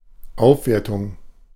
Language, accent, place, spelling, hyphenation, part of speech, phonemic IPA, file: German, Germany, Berlin, Aufwertung, Auf‧wer‧tung, noun, /ˈaʊ̯fˌveːɐ̯tʊŋ/, De-Aufwertung.ogg
- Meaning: appreciation (rise in value)